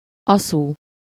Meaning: sweet dessert wine from Tokaj
- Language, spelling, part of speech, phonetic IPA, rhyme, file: Hungarian, aszú, noun, [ˈɒsuː], -suː, Hu-aszú.ogg